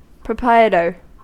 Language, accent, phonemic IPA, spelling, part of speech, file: English, US, /pɹəˈpɹaɪətɚ/, proprietor, noun, En-us-proprietor.ogg
- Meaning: 1. An owner 2. A sole owner of an unincorporated business, also called a sole proprietor 3. One of the owners of an unincorporated business, a partner